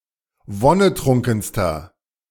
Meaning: inflection of wonnetrunken: 1. strong/mixed nominative masculine singular superlative degree 2. strong genitive/dative feminine singular superlative degree 3. strong genitive plural superlative degree
- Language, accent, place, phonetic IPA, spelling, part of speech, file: German, Germany, Berlin, [ˈvɔnəˌtʁʊŋkn̩stɐ], wonnetrunkenster, adjective, De-wonnetrunkenster.ogg